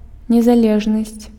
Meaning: independence (property of independent)
- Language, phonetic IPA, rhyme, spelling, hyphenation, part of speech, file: Belarusian, [nʲezaˈlʲeʐnasʲt͡sʲ], -eʐnasʲt͡sʲ, незалежнасць, не‧за‧леж‧насць, noun, Be-незалежнасць.ogg